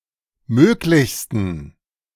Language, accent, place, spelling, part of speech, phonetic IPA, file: German, Germany, Berlin, möglichsten, adjective, [ˈmøːklɪçstn̩], De-möglichsten.ogg
- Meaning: 1. superlative degree of möglich 2. inflection of möglich: strong genitive masculine/neuter singular superlative degree